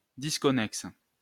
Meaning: disconnected
- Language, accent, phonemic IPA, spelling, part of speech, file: French, France, /dis.kɔ.nɛks/, disconnexe, adjective, LL-Q150 (fra)-disconnexe.wav